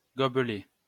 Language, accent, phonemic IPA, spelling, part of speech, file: French, France, /ɡɔ.blɛ/, gobelet, noun, LL-Q150 (fra)-gobelet.wav
- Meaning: 1. goblet, cup 2. beaker 3. tumbler